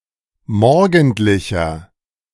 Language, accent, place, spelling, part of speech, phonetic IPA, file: German, Germany, Berlin, morgendlicher, adjective, [ˈmɔʁɡn̩tlɪçɐ], De-morgendlicher.ogg
- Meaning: inflection of morgendlich: 1. strong/mixed nominative masculine singular 2. strong genitive/dative feminine singular 3. strong genitive plural